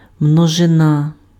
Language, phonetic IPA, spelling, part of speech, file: Ukrainian, [mnɔʒeˈna], множина, noun, Uk-множина.ogg
- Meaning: 1. plural 2. set